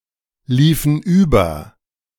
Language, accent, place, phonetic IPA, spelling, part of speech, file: German, Germany, Berlin, [ˌliːfn̩ ˈyːbɐ], liefen über, verb, De-liefen über.ogg
- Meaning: inflection of überlaufen: 1. first/third-person plural preterite 2. first/third-person plural subjunctive II